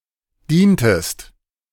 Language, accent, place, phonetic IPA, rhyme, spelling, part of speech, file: German, Germany, Berlin, [ˈdiːntəst], -iːntəst, dientest, verb, De-dientest.ogg
- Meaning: inflection of dienen: 1. second-person singular preterite 2. second-person singular subjunctive II